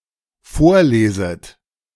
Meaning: second-person plural dependent subjunctive I of vorlesen
- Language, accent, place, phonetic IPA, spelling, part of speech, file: German, Germany, Berlin, [ˈfoːɐ̯ˌleːzət], vorleset, verb, De-vorleset.ogg